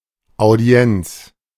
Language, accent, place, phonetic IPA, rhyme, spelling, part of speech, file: German, Germany, Berlin, [aʊ̯ˈdi̯ɛnt͡s], -ɛnt͡s, Audienz, noun, De-Audienz.ogg
- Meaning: audience (formal meeting with a state or religious dignitary)